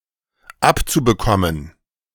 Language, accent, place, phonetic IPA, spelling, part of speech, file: German, Germany, Berlin, [ˈapt͡subəˌkɔmən], abzubekommen, verb, De-abzubekommen.ogg
- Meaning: zu-infinitive of abbekommen